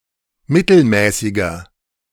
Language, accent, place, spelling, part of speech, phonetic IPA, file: German, Germany, Berlin, mittelmäßiger, adjective, [ˈmɪtl̩ˌmɛːsɪɡɐ], De-mittelmäßiger.ogg
- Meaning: 1. comparative degree of mittelmäßig 2. inflection of mittelmäßig: strong/mixed nominative masculine singular 3. inflection of mittelmäßig: strong genitive/dative feminine singular